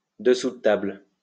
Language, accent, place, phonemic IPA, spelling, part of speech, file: French, France, Lyon, /də.su.də.tabl/, dessous-de-table, noun, LL-Q150 (fra)-dessous-de-table.wav
- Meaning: bribe